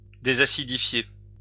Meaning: to deacidify
- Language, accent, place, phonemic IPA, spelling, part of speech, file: French, France, Lyon, /de.za.si.di.fje/, désacidifier, verb, LL-Q150 (fra)-désacidifier.wav